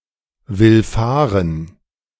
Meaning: to obey
- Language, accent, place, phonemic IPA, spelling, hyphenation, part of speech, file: German, Germany, Berlin, /vɪlˈfaːʁən/, willfahren, will‧fah‧ren, verb, De-willfahren.ogg